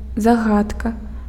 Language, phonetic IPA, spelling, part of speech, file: Belarusian, [zaˈɣatka], загадка, noun, Be-загадка.ogg
- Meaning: 1. riddle, conundrum, puzzle 2. mystery, enigma